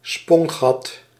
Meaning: a bunghole
- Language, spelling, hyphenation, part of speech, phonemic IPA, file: Dutch, spongat, spon‧gat, noun, /ˈspɔn.ɣɑt/, Nl-spongat.ogg